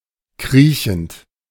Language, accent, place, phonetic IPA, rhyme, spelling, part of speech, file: German, Germany, Berlin, [ˈkʁiːçn̩t], -iːçn̩t, kriechend, verb, De-kriechend.ogg
- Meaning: present participle of kriechen